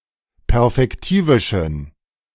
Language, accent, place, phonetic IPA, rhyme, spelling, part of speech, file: German, Germany, Berlin, [pɛʁfɛkˈtiːvɪʃn̩], -iːvɪʃn̩, perfektivischen, adjective, De-perfektivischen.ogg
- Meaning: inflection of perfektivisch: 1. strong genitive masculine/neuter singular 2. weak/mixed genitive/dative all-gender singular 3. strong/weak/mixed accusative masculine singular 4. strong dative plural